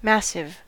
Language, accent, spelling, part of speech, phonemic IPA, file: English, US, massive, adjective / noun, /ˈmæs.ɪv/, En-us-massive.ogg
- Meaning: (adjective) 1. Very large in size or extent 2. Substantial in mass; bulky, heavy and solid 3. To a very great extent; total, utter 4. Of particularly exceptional quality or value; awesome